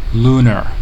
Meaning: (adjective) 1. Of, pertaining to, or resembling the Moon (that is, Luna, the Earth's moon) 2. Shaped like a crescent moon; lunate 3. Extremely high
- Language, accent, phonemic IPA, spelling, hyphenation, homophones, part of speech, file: English, General American, /ˈlunɚ/, lunar, lun‧ar, looner, adjective / noun, En-us-lunar.ogg